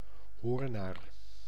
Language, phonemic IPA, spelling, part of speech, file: Dutch, /ˈɦoːr.naːr/, hoornaar, noun, Nl-hoornaar.ogg
- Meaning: hornet (insect)